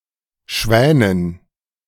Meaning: dative plural of Schwan
- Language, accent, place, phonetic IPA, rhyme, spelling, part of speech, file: German, Germany, Berlin, [ˈʃvɛːnən], -ɛːnən, Schwänen, noun, De-Schwänen.ogg